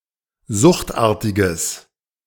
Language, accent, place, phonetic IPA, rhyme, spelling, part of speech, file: German, Germany, Berlin, [ˈzʊxtˌʔaːɐ̯tɪɡəs], -ʊxtʔaːɐ̯tɪɡəs, suchtartiges, adjective, De-suchtartiges.ogg
- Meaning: strong/mixed nominative/accusative neuter singular of suchtartig